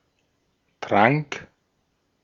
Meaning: first/third-person singular preterite of trinken
- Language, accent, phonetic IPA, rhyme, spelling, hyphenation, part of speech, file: German, Austria, [tʁaŋk], -aŋk, trank, trank, verb, De-at-trank.ogg